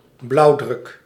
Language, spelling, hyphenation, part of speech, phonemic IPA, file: Dutch, blauwdruk, blauw‧druk, noun, /ˈblɑu̯.drʏk/, Nl-blauwdruk.ogg
- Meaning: 1. a blueprint, a white-on-blue design image, a cyanotype 2. a blueprint, a plan, a design